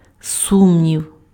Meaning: doubt
- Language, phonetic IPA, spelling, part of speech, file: Ukrainian, [ˈsumnʲiu̯], сумнів, noun, Uk-сумнів.ogg